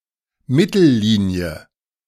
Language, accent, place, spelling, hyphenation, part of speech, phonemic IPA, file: German, Germany, Berlin, Mittellinie, Mit‧tel‧li‧nie, noun, /ˈmɪtəlˌliːni̯ə/, De-Mittellinie.ogg
- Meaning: 1. a line through the middle or centre of something; midline; centreline 2. a line through the middle or centre of something; midline; centreline: halfway line